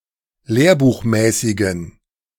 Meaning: inflection of lehrbuchmäßig: 1. strong genitive masculine/neuter singular 2. weak/mixed genitive/dative all-gender singular 3. strong/weak/mixed accusative masculine singular 4. strong dative plural
- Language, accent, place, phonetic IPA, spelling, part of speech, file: German, Germany, Berlin, [ˈleːɐ̯buːxˌmɛːsɪɡn̩], lehrbuchmäßigen, adjective, De-lehrbuchmäßigen.ogg